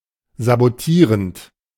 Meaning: present participle of sabotieren
- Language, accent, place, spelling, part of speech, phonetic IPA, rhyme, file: German, Germany, Berlin, sabotierend, verb, [zaboˈtiːʁənt], -iːʁənt, De-sabotierend.ogg